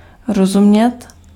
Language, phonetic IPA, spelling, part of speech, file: Czech, [ˈrozumɲɛt], rozumět, verb, Cs-rozumět.ogg
- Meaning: 1. to understand 2. to go without saying 3. to understand (another person sympathetically); to sympathize with